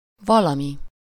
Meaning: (pronoun) something (unspecified object); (adverb) around, some, approximately (before an estimated number)
- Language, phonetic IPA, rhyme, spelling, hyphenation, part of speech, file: Hungarian, [ˈvɒlɒmi], -mi, valami, va‧la‧mi, pronoun / adverb, Hu-valami.ogg